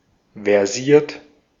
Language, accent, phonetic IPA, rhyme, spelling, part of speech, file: German, Austria, [vɛʁˈziːɐ̯t], -iːɐ̯t, versiert, adjective / verb, De-at-versiert.ogg
- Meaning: versed